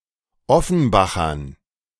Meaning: dative plural of Offenbacher
- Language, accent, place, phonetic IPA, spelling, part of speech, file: German, Germany, Berlin, [ˈɔfn̩ˌbaxɐn], Offenbachern, noun, De-Offenbachern.ogg